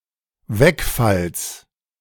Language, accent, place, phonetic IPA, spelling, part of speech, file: German, Germany, Berlin, [ˈvɛkˌfals], Wegfalls, noun, De-Wegfalls.ogg
- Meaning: genitive singular of Wegfall